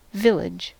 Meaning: 1. A rural habitation of size between a hamlet and a town 2. A rural habitation that has a church, but no market 3. A planned community such as a retirement community or shopping district
- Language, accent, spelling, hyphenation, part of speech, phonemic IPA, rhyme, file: English, US, village, vil‧lage, noun, /ˈvɪlɪd͡ʒ/, -ɪlɪdʒ, En-us-village.ogg